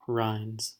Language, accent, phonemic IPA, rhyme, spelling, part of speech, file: English, US, /ɹaɪndz/, -aɪndz, rinds, noun / verb, En-us-rinds.ogg
- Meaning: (noun) plural of rind; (verb) third-person singular simple present indicative of rind